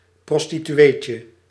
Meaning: diminutive of prostituee
- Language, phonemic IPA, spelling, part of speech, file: Dutch, /ˌprɔstityˈwecə/, prostitueetje, noun, Nl-prostitueetje.ogg